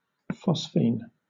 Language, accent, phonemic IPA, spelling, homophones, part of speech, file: English, Southern England, /ˈfɒsfiːn/, phosphine, phosphene, noun, LL-Q1860 (eng)-phosphine.wav
- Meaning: 1. A toxic gas, chemical formula PH₃ 2. Any alkyl or aryl derivative of this compound, PR₃ (where at least one R is not H), 3. Chrysaniline, often in the form of a salt